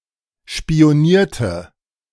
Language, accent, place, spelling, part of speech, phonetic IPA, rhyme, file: German, Germany, Berlin, spionierte, verb, [ʃpi̯oˈniːɐ̯tə], -iːɐ̯tə, De-spionierte.ogg
- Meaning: inflection of spionieren: 1. first/third-person singular preterite 2. first/third-person singular subjunctive II